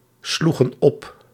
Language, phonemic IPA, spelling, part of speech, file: Dutch, /ˈsluɣə(n) ˈɔp/, sloegen op, verb, Nl-sloegen op.ogg
- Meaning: inflection of opslaan: 1. plural past indicative 2. plural past subjunctive